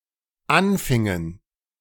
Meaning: inflection of anfangen: 1. first/third-person plural dependent preterite 2. first/third-person plural dependent subjunctive II
- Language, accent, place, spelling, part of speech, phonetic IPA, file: German, Germany, Berlin, anfingen, verb, [ˈanˌfɪŋən], De-anfingen.ogg